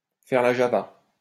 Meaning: to party
- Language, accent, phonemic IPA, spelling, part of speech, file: French, France, /fɛʁ la ʒa.va/, faire la java, verb, LL-Q150 (fra)-faire la java.wav